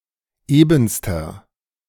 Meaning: inflection of eben: 1. strong/mixed nominative masculine singular superlative degree 2. strong genitive/dative feminine singular superlative degree 3. strong genitive plural superlative degree
- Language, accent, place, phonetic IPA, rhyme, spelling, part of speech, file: German, Germany, Berlin, [ˈeːbn̩stɐ], -eːbn̩stɐ, ebenster, adjective, De-ebenster.ogg